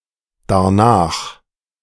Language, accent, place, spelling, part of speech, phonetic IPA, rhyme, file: German, Germany, Berlin, darnach, adverb, [daʁˈnaːx], -aːx, De-darnach.ogg
- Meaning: alternative form of danach